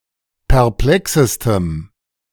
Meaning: strong dative masculine/neuter singular superlative degree of perplex
- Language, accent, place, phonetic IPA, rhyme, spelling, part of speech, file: German, Germany, Berlin, [pɛʁˈplɛksəstəm], -ɛksəstəm, perplexestem, adjective, De-perplexestem.ogg